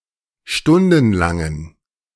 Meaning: inflection of stundenlang: 1. strong genitive masculine/neuter singular 2. weak/mixed genitive/dative all-gender singular 3. strong/weak/mixed accusative masculine singular 4. strong dative plural
- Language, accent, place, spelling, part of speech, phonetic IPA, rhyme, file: German, Germany, Berlin, stundenlangen, adjective, [ˈʃtʊndn̩laŋən], -ʊndn̩laŋən, De-stundenlangen.ogg